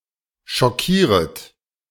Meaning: second-person plural subjunctive I of schockieren
- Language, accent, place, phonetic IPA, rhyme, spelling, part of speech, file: German, Germany, Berlin, [ʃɔˈkiːʁət], -iːʁət, schockieret, verb, De-schockieret.ogg